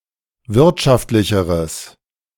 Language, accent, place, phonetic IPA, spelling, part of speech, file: German, Germany, Berlin, [ˈvɪʁtʃaftlɪçəʁəs], wirtschaftlicheres, adjective, De-wirtschaftlicheres.ogg
- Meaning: strong/mixed nominative/accusative neuter singular comparative degree of wirtschaftlich